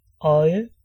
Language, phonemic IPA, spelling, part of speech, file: Danish, /ɔjə/, øje, noun / verb, Da-øje.ogg
- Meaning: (noun) 1. eye 2. eye (an opening to receive a rope or a thread); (verb) to see, watch